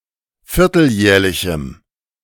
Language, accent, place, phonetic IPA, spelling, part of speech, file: German, Germany, Berlin, [ˈfɪʁtl̩ˌjɛːɐ̯lɪçm̩], vierteljährlichem, adjective, De-vierteljährlichem.ogg
- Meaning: strong dative masculine/neuter singular of vierteljährlich